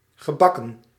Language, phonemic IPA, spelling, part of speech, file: Dutch, /ɣə.ˈbɑ.kə(n)/, gebakken, verb, Nl-gebakken.ogg
- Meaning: past participle of bakken